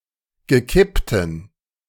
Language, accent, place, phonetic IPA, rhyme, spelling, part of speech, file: German, Germany, Berlin, [ɡəˈkɪptn̩], -ɪptn̩, gekippten, adjective, De-gekippten.ogg
- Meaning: inflection of gekippt: 1. strong genitive masculine/neuter singular 2. weak/mixed genitive/dative all-gender singular 3. strong/weak/mixed accusative masculine singular 4. strong dative plural